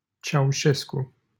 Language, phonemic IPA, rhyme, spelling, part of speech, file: Romanian, /t͡ʃauˈʃes.ku/, -esku, Ceaușescu, proper noun, LL-Q7913 (ron)-Ceaușescu.wav
- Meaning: 1. a surname 2. a surname: Nicolae Ceaușescu, leader of Romania from 1965 to 1989